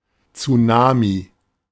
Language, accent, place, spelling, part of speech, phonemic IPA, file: German, Germany, Berlin, Tsunami, noun, /t͡suˈnaːmi/, De-Tsunami.ogg
- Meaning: tsunami (large, destructive wave generally caused by a tremendous disturbance in the ocean)